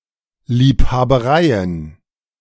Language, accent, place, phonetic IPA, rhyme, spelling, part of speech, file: German, Germany, Berlin, [liːphaːbəˈʁaɪ̯ən], -aɪ̯ən, Liebhabereien, noun, De-Liebhabereien.ogg
- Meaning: plural of Liebhaberei